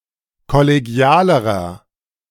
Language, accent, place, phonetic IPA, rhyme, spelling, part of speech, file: German, Germany, Berlin, [kɔleˈɡi̯aːləʁɐ], -aːləʁɐ, kollegialerer, adjective, De-kollegialerer.ogg
- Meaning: inflection of kollegial: 1. strong/mixed nominative masculine singular comparative degree 2. strong genitive/dative feminine singular comparative degree 3. strong genitive plural comparative degree